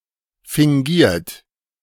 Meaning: 1. past participle of fingieren 2. inflection of fingieren: third-person singular present 3. inflection of fingieren: second-person plural present 4. inflection of fingieren: plural imperative
- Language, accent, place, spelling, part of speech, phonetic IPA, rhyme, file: German, Germany, Berlin, fingiert, verb, [fɪŋˈɡiːɐ̯t], -iːɐ̯t, De-fingiert.ogg